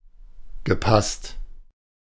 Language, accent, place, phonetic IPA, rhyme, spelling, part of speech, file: German, Germany, Berlin, [ɡəˈpast], -ast, gepasst, verb, De-gepasst.ogg
- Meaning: past participle of passen